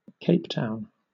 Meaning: The legislative capital of South Africa
- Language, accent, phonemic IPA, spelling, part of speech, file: English, Southern England, /ˈkeɪp ˌtaʊn/, Cape Town, proper noun, LL-Q1860 (eng)-Cape Town.wav